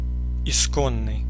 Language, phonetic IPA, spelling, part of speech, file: Russian, [ɪˈskonːɨj], исконный, adjective, Ru-исконный.ogg
- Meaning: 1. aboriginal, native 2. primordial